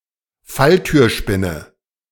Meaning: trapdoor spider
- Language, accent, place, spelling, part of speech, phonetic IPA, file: German, Germany, Berlin, Falltürspinne, noun, [ˈfaltyːɐ̯ˌʃpɪnə], De-Falltürspinne.ogg